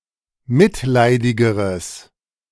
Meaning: strong/mixed nominative/accusative neuter singular comparative degree of mitleidig
- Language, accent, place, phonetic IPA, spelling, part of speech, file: German, Germany, Berlin, [ˈmɪtˌlaɪ̯dɪɡəʁəs], mitleidigeres, adjective, De-mitleidigeres.ogg